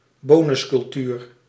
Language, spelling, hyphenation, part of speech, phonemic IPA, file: Dutch, bonuscultuur, bo‧nus‧cul‧tuur, noun, /ˈboː.nʏs.kʏlˌtyːr/, Nl-bonuscultuur.ogg
- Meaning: a culture of providing monetary bonuses to the people involved in an organisation, especially to the higher-ups in a business